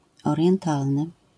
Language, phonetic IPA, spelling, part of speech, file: Polish, [ˌɔrʲjɛ̃nˈtalnɨ], orientalny, adjective, LL-Q809 (pol)-orientalny.wav